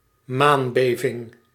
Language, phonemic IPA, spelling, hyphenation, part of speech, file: Dutch, /ˈmaːnˌbeː.vɪŋ/, maanbeving, maan‧be‧ving, noun, Nl-maanbeving.ogg
- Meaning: moonquake